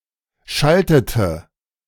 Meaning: inflection of schalten: 1. first/third-person singular preterite 2. first/third-person singular subjunctive II
- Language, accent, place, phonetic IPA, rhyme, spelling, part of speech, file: German, Germany, Berlin, [ˈʃaltətə], -altətə, schaltete, verb, De-schaltete.ogg